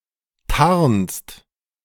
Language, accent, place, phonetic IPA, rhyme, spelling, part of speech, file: German, Germany, Berlin, [taʁnst], -aʁnst, tarnst, verb, De-tarnst.ogg
- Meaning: second-person singular present of tarnen